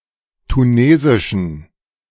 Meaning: inflection of tunesisch: 1. strong genitive masculine/neuter singular 2. weak/mixed genitive/dative all-gender singular 3. strong/weak/mixed accusative masculine singular 4. strong dative plural
- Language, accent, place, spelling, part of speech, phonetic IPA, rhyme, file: German, Germany, Berlin, tunesischen, adjective, [tuˈneːzɪʃn̩], -eːzɪʃn̩, De-tunesischen.ogg